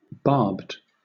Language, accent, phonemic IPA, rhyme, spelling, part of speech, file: English, Southern England, /bɑː(ɹ)bd/, -ɑː(ɹ)bd, barbed, adjective / verb, LL-Q1860 (eng)-barbed.wav
- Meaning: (adjective) 1. Having barbs 2. Having barbs of a certain colour (as or similar to an arrow); beared 3. Having gills or wattles (as a bird); wattled